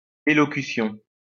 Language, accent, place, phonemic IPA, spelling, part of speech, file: French, France, Lyon, /e.lɔ.ky.sjɔ̃/, élocution, noun, LL-Q150 (fra)-élocution.wav
- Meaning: 1. speech 2. delivery (of speech) 3. elocution